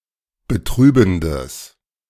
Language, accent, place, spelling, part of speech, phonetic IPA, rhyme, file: German, Germany, Berlin, betrübendes, adjective, [bəˈtʁyːbn̩dəs], -yːbn̩dəs, De-betrübendes.ogg
- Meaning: strong/mixed nominative/accusative neuter singular of betrübend